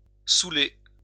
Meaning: Pre-1990 spelling of souler
- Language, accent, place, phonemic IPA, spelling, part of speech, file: French, France, Lyon, /su.le/, saouler, verb, LL-Q150 (fra)-saouler.wav